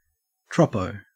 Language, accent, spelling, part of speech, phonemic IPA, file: English, Australia, troppo, adjective, /ˈtɹɒpəʊ/, En-au-troppo.ogg
- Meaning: Crazy, mad, strangely behaving; especially as attributed to hot weather